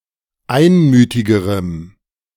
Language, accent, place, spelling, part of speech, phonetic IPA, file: German, Germany, Berlin, einmütigerem, adjective, [ˈaɪ̯nˌmyːtɪɡəʁəm], De-einmütigerem.ogg
- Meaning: strong dative masculine/neuter singular comparative degree of einmütig